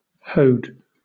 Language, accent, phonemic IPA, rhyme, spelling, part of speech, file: English, Southern England, /həʊd/, -əʊd, hoed, verb, LL-Q1860 (eng)-hoed.wav
- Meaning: 1. simple past and past participle of hoe 2. simple past and past participle of ho